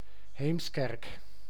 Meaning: 1. a village and municipality of North Holland, Netherlands 2. a surname
- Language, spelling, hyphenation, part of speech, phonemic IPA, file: Dutch, Heemskerk, Heems‧kerk, proper noun, /ɦeːmsˈkɛrk/, Nl-Heemskerk.ogg